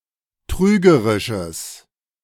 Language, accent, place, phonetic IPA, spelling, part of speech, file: German, Germany, Berlin, [ˈtʁyːɡəʁɪʃəs], trügerisches, adjective, De-trügerisches.ogg
- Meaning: strong/mixed nominative/accusative neuter singular of trügerisch